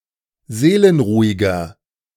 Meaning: 1. comparative degree of seelenruhig 2. inflection of seelenruhig: strong/mixed nominative masculine singular 3. inflection of seelenruhig: strong genitive/dative feminine singular
- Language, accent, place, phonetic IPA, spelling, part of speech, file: German, Germany, Berlin, [ˈzeːlənˌʁuːɪɡɐ], seelenruhiger, adjective, De-seelenruhiger.ogg